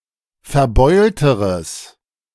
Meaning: strong/mixed nominative/accusative neuter singular comparative degree of verbeult
- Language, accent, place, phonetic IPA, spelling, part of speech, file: German, Germany, Berlin, [fɛɐ̯ˈbɔɪ̯ltəʁəs], verbeulteres, adjective, De-verbeulteres.ogg